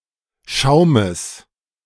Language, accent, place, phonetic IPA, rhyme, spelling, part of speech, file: German, Germany, Berlin, [ˈʃaʊ̯məs], -aʊ̯məs, Schaumes, noun, De-Schaumes.ogg
- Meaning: genitive singular of Schaum